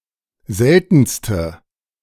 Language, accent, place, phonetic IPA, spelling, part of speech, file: German, Germany, Berlin, [ˈzɛltn̩stə], seltenste, adjective, De-seltenste.ogg
- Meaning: inflection of selten: 1. strong/mixed nominative/accusative feminine singular superlative degree 2. strong nominative/accusative plural superlative degree